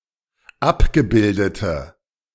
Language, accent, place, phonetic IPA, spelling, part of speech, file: German, Germany, Berlin, [ˈapɡəˌbɪldətə], abgebildete, adjective, De-abgebildete.ogg
- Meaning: inflection of abgebildet: 1. strong/mixed nominative/accusative feminine singular 2. strong nominative/accusative plural 3. weak nominative all-gender singular